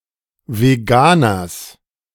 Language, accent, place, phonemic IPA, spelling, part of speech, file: German, Germany, Berlin, /veˈɡaːnɐs/, Veganers, noun, De-Veganers.ogg
- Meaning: genitive singular of Veganer